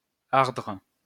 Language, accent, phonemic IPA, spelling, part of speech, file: French, France, /aʁdʁ/, ardre, verb, LL-Q150 (fra)-ardre.wav
- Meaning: 1. to burn 2. to consume